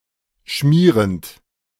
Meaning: present participle of schmieren
- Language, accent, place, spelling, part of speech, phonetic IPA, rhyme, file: German, Germany, Berlin, schmierend, verb, [ˈʃmiːʁənt], -iːʁənt, De-schmierend.ogg